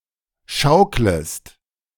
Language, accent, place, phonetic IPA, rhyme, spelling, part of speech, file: German, Germany, Berlin, [ˈʃaʊ̯kləst], -aʊ̯kləst, schauklest, verb, De-schauklest.ogg
- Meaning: second-person singular subjunctive I of schaukeln